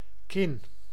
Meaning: chin
- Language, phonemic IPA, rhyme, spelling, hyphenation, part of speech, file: Dutch, /kɪn/, -ɪn, kin, kin, noun, Nl-kin.ogg